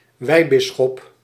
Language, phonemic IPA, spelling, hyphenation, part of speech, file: Dutch, /ˈʋɛi̯ˌbɪ.sxɔp/, wijbisschop, wij‧bis‧schop, noun, Nl-wijbisschop.ogg
- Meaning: an auxiliary bishop, chiefly in missionary contexts